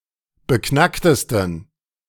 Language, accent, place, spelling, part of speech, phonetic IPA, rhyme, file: German, Germany, Berlin, beknacktesten, adjective, [bəˈknaktəstn̩], -aktəstn̩, De-beknacktesten.ogg
- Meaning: 1. superlative degree of beknackt 2. inflection of beknackt: strong genitive masculine/neuter singular superlative degree